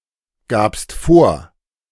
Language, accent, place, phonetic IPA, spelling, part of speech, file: German, Germany, Berlin, [ˌɡaːpst ˈfoːɐ̯], gabst vor, verb, De-gabst vor.ogg
- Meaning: second-person singular preterite of vorgeben